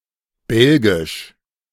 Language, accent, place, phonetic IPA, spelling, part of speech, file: German, Germany, Berlin, [ˈbɛlɡɪʃ], belgisch, adjective, De-belgisch.ogg
- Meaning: Belgian (related to Belgium or to the Belgians)